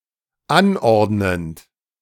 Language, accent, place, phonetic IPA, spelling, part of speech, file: German, Germany, Berlin, [ˈanˌʔɔʁdnənt], anordnend, verb, De-anordnend.ogg
- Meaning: present participle of anordnen